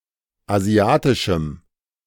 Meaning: strong dative masculine/neuter singular of asiatisch
- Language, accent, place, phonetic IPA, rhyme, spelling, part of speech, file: German, Germany, Berlin, [aˈzi̯aːtɪʃm̩], -aːtɪʃm̩, asiatischem, adjective, De-asiatischem.ogg